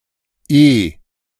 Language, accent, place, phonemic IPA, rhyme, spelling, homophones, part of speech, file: German, Germany, Berlin, /ʔeː/, -eː, eh, E, conjunction / adverb, De-eh.ogg
- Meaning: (conjunction) before; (adverb) 1. anyway, in any case 2. well, admittedly (for which in Germany only schon is used) 3. intensifier in suggestive questions